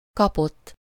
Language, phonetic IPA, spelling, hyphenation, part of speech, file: Hungarian, [ˈkɒpotː], kapott, ka‧pott, verb, Hu-kapott.ogg
- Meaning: 1. third-person singular indicative past indefinite of kap 2. past participle of kap